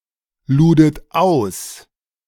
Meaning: second-person plural preterite of ausladen
- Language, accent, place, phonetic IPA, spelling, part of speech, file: German, Germany, Berlin, [ˌluːdət ˈaʊ̯s], ludet aus, verb, De-ludet aus.ogg